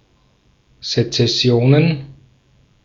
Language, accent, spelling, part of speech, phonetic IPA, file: German, Austria, Sezessionen, noun, [zet͡sɛˈsi̯oːnən], De-at-Sezessionen.ogg
- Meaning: plural of Sezession